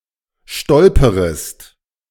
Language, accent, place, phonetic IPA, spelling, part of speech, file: German, Germany, Berlin, [ˈʃtɔlpəʁəst], stolperest, verb, De-stolperest.ogg
- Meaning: second-person singular subjunctive I of stolpern